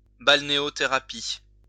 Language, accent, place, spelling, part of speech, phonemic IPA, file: French, France, Lyon, balnéothérapie, noun, /bal.ne.ɔ.te.ʁa.pi/, LL-Q150 (fra)-balnéothérapie.wav
- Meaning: balneotherapy